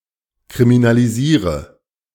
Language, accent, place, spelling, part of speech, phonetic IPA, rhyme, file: German, Germany, Berlin, kriminalisiere, verb, [kʁiminaliˈziːʁə], -iːʁə, De-kriminalisiere.ogg
- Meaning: inflection of kriminalisieren: 1. first-person singular present 2. singular imperative 3. first/third-person singular subjunctive I